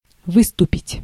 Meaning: 1. to project, to protrude, to jut, to jut out, to come out, to stand out 2. to step forth, to step forward 3. to set out, to march off 4. to appear on the surface 5. to strut
- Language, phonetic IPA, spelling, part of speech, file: Russian, [ˈvɨstʊpʲɪtʲ], выступить, verb, Ru-выступить.ogg